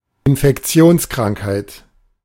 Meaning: infectious disease
- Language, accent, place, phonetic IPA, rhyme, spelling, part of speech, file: German, Germany, Berlin, [ɪnfɛkˈt͡si̯oːnskʁaŋkhaɪ̯t], -oːnskʁaŋkhaɪ̯t, Infektionskrankheit, noun, De-Infektionskrankheit.ogg